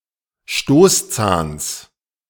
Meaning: genitive singular of Stoßzahn
- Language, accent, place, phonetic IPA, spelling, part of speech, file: German, Germany, Berlin, [ˈʃtoːsˌt͡saːns], Stoßzahns, noun, De-Stoßzahns.ogg